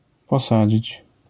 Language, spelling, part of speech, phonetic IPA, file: Polish, posadzić, verb, [pɔˈsad͡ʑit͡ɕ], LL-Q809 (pol)-posadzić.wav